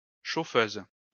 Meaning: 1. Female chauffeur 2. fireside chair
- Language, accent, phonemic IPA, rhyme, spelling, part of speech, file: French, France, /ʃo.føz/, -øz, chauffeuse, noun, LL-Q150 (fra)-chauffeuse.wav